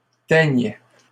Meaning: third-person plural present indicative/subjunctive of teindre
- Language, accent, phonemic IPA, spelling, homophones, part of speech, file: French, Canada, /tɛɲ/, teignent, teigne / teignes, verb, LL-Q150 (fra)-teignent.wav